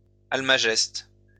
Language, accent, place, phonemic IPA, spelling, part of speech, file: French, France, Lyon, /al.ma.ʒɛst/, almageste, noun, LL-Q150 (fra)-almageste.wav
- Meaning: almagest